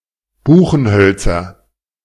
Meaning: nominative/accusative/genitive plural of Buchenholz
- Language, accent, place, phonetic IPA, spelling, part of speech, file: German, Germany, Berlin, [ˈbuːxn̩ˌhœlt͡sɐ], Buchenhölzer, noun, De-Buchenhölzer.ogg